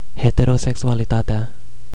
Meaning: definite nominative/accusative singular of heterosexualitate
- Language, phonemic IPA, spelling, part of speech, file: Romanian, /heteroseksualiˈtate̯a/, heterosexualitatea, noun, Ro-heterosexualitatea.ogg